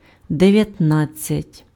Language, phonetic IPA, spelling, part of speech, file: Ukrainian, [deʋjɐtˈnad͡zʲt͡sʲɐtʲ], дев'ятнадцять, numeral, Uk-дев'ятнадцять.ogg
- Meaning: nineteen (19)